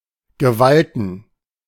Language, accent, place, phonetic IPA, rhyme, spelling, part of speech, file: German, Germany, Berlin, [ɡəˈvaltn̩], -altn̩, Gewalten, noun, De-Gewalten.ogg
- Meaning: plural of Gewalt